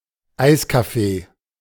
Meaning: an ice cream parlor, especially one that also serves cake
- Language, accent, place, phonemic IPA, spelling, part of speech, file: German, Germany, Berlin, /ˈaɪ̯s.ka.ˌfeː/, Eiscafé, noun, De-Eiscafé.ogg